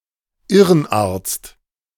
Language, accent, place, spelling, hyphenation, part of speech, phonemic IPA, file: German, Germany, Berlin, Irrenarzt, Ir‧ren‧arzt, noun, /ˈɪʁənˌʔaːɐ̯t͡st/, De-Irrenarzt.ogg
- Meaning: shrink